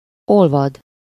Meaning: to melt
- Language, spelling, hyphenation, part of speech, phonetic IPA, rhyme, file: Hungarian, olvad, ol‧vad, verb, [ˈolvɒd], -ɒd, Hu-olvad.ogg